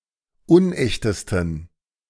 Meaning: 1. superlative degree of unecht 2. inflection of unecht: strong genitive masculine/neuter singular superlative degree
- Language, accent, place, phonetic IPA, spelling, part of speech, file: German, Germany, Berlin, [ˈʊnˌʔɛçtəstn̩], unechtesten, adjective, De-unechtesten.ogg